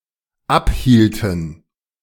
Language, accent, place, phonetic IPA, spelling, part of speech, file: German, Germany, Berlin, [ˈapˌhiːltn̩], abhielten, verb, De-abhielten.ogg
- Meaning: inflection of abhalten: 1. first/third-person plural dependent preterite 2. first/third-person plural dependent subjunctive II